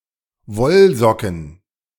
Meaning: plural of Wollsocke
- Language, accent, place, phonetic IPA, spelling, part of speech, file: German, Germany, Berlin, [ˈvɔlˌzɔkn̩], Wollsocken, noun, De-Wollsocken.ogg